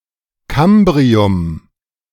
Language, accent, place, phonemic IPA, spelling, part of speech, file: German, Germany, Berlin, /ˈkambʁiʊm/, Kambrium, proper noun, De-Kambrium.ogg
- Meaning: the Cambrian